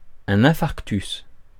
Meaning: infarct
- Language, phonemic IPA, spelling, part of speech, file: French, /ɛ̃.faʁk.tys/, infarctus, noun, Fr-infarctus.ogg